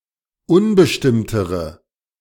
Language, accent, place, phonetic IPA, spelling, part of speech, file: German, Germany, Berlin, [ˈʊnbəʃtɪmtəʁə], unbestimmtere, adjective, De-unbestimmtere.ogg
- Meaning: inflection of unbestimmt: 1. strong/mixed nominative/accusative feminine singular comparative degree 2. strong nominative/accusative plural comparative degree